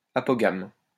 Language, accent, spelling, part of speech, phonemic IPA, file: French, France, apogame, adjective, /a.pɔ.ɡam/, LL-Q150 (fra)-apogame.wav
- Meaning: apogamic